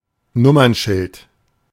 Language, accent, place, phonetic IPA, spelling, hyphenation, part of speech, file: German, Germany, Berlin, [ˈnʊmɐnˌʃɪlt], Nummernschild, Num‧mern‧schild, noun, De-Nummernschild.ogg
- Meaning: license plate